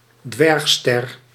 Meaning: dwarf star
- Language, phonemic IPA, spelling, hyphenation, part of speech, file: Dutch, /ˈdʋɛrx.stɛr/, dwergster, dwerg‧ster, noun, Nl-dwergster.ogg